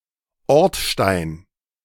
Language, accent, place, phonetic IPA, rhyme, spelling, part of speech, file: German, Germany, Berlin, [ˈɔʁtˌʃtaɪ̯n], -ɔʁtʃtaɪ̯n, Ortstein, noun, De-Ortstein.ogg
- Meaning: 1. hardpan 2. boundary stone, cornerstone